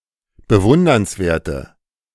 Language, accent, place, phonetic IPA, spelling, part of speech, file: German, Germany, Berlin, [bəˈvʊndɐnsˌveːɐ̯tə], bewundernswerte, adjective, De-bewundernswerte.ogg
- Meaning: inflection of bewundernswert: 1. strong/mixed nominative/accusative feminine singular 2. strong nominative/accusative plural 3. weak nominative all-gender singular